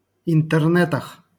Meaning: prepositional plural of интерне́т (intɛrnɛ́t)
- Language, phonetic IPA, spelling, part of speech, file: Russian, [ɪntɨrˈnɛtəx], интернетах, noun, LL-Q7737 (rus)-интернетах.wav